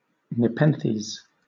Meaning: A drug mentioned in Homer's Odyssey (c. 8th century B.C.E.) as bringing relief from anxiety or grief; hence, any drug or substance seen as bringing welcome forgetfulness or relief
- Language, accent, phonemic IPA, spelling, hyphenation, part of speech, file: English, Southern England, /nɪˈpɛnθiːz/, nepenthes, ne‧pen‧thes, noun, LL-Q1860 (eng)-nepenthes.wav